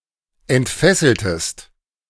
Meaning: inflection of entfesseln: 1. second-person singular preterite 2. second-person singular subjunctive II
- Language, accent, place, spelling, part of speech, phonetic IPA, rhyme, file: German, Germany, Berlin, entfesseltest, verb, [ɛntˈfɛsl̩təst], -ɛsl̩təst, De-entfesseltest.ogg